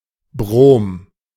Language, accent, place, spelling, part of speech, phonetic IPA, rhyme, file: German, Germany, Berlin, Brom, noun, [bʁoːm], -oːm, De-Brom.ogg
- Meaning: bromine